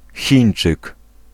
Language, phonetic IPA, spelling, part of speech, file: Polish, [ˈxʲĩj̃n͇t͡ʃɨk], Chińczyk, noun, Pl-Chińczyk.ogg